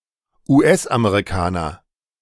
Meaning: American, U.S. American
- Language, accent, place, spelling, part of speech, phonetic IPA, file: German, Germany, Berlin, US-Amerikaner, noun, [uːˈʔɛsʔameʁiˌkaːnɐ], De-US-Amerikaner.ogg